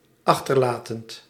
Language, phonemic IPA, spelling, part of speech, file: Dutch, /ˈɑxtərˌlaːtənt/, achterlatend, verb, Nl-achterlatend.ogg
- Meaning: present participle of achterlaten